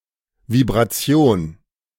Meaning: vibration
- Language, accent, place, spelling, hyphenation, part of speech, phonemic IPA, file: German, Germany, Berlin, Vibration, Vib‧ra‧ti‧on, noun, /vibʁaˈtsi̯oːn/, De-Vibration.ogg